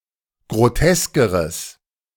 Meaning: strong/mixed nominative/accusative neuter singular comparative degree of grotesk
- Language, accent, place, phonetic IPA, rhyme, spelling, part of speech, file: German, Germany, Berlin, [ɡʁoˈtɛskəʁəs], -ɛskəʁəs, groteskeres, adjective, De-groteskeres.ogg